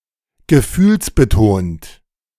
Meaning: 1. emotive 2. sensitive (to other's feelings)
- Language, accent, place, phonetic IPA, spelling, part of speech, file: German, Germany, Berlin, [ɡəˈfyːlsbəˌtoːnt], gefühlsbetont, adjective, De-gefühlsbetont.ogg